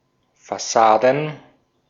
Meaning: plural of Fassade
- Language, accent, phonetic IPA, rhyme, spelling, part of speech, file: German, Austria, [faˈsaːdn̩], -aːdn̩, Fassaden, noun, De-at-Fassaden.ogg